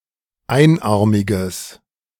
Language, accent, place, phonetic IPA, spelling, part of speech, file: German, Germany, Berlin, [ˈaɪ̯nˌʔaʁmɪɡəs], einarmiges, adjective, De-einarmiges.ogg
- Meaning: strong/mixed nominative/accusative neuter singular of einarmig